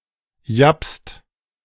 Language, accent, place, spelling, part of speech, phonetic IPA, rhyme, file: German, Germany, Berlin, japst, verb, [japst], -apst, De-japst.ogg
- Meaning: inflection of japsen: 1. second-person singular/plural present 2. third-person singular present 3. plural imperative